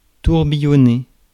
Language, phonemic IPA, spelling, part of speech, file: French, /tuʁ.bi.jɔ.ne/, tourbillonner, verb, Fr-tourbillonner.ogg
- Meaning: 1. to swirl, whirl 2. to twirl